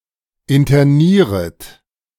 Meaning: second-person plural subjunctive I of internieren
- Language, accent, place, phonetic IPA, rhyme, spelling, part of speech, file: German, Germany, Berlin, [ɪntɐˈniːʁət], -iːʁət, internieret, verb, De-internieret.ogg